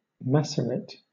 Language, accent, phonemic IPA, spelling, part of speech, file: English, Southern England, /ˈmæs.ə.ɹɪt/, macerate, noun, LL-Q1860 (eng)-macerate.wav
- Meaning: A macerated substance